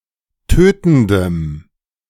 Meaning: strong dative masculine/neuter singular of tötend
- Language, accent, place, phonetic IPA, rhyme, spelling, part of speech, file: German, Germany, Berlin, [ˈtøːtn̩dəm], -øːtn̩dəm, tötendem, adjective, De-tötendem.ogg